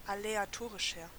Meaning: 1. comparative degree of aleatorisch 2. inflection of aleatorisch: strong/mixed nominative masculine singular 3. inflection of aleatorisch: strong genitive/dative feminine singular
- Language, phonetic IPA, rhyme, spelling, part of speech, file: German, [aleaˈtoːʁɪʃɐ], -oːʁɪʃɐ, aleatorischer, adjective, De-aleatorischer.ogg